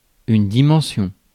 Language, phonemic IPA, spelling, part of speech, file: French, /di.mɑ̃.sjɔ̃/, dimension, noun, Fr-dimension.ogg
- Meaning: dimension